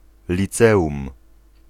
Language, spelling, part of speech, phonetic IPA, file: Polish, liceum, noun, [lʲiˈt͡sɛʷũm], Pl-liceum.ogg